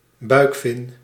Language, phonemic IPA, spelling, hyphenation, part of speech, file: Dutch, /ˈbœy̯k.fɪn/, buikvin, buik‧vin, noun, Nl-buikvin.ogg
- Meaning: abdominal fin